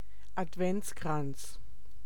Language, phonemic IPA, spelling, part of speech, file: German, /ʔatˈvɛntsˌkʁants/, Adventskranz, noun, De-Adventskranz.ogg
- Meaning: Advent wreath